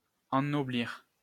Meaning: to ennoble
- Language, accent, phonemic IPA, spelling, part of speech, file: French, France, /ɑ̃.nɔ.bliʁ/, ennoblir, verb, LL-Q150 (fra)-ennoblir.wav